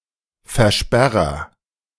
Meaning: 1. agent noun of versperren 2. agent noun of versperren: One who bars or blocks something
- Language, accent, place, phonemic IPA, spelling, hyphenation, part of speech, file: German, Germany, Berlin, /fɛʁˈʃpɛʁɐ/, Versperrer, Ver‧sper‧rer, noun, De-Versperrer.ogg